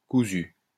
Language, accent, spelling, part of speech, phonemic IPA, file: French, France, cousue, verb, /ku.zy/, LL-Q150 (fra)-cousue.wav
- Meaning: feminine singular of cousu